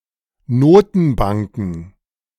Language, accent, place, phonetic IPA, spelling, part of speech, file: German, Germany, Berlin, [ˈnoːtn̩ˌbaŋkn̩], Notenbanken, noun, De-Notenbanken.ogg
- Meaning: plural of Notenbank